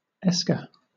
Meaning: A long, narrow, sinuous ridge created by deposits from a stream running beneath a glacier
- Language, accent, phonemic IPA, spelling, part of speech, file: English, Southern England, /ˈɛskə/, esker, noun, LL-Q1860 (eng)-esker.wav